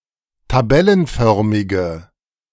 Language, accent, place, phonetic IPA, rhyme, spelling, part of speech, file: German, Germany, Berlin, [taˈbɛlənˌfœʁmɪɡə], -ɛlənfœʁmɪɡə, tabellenförmige, adjective, De-tabellenförmige.ogg
- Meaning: inflection of tabellenförmig: 1. strong/mixed nominative/accusative feminine singular 2. strong nominative/accusative plural 3. weak nominative all-gender singular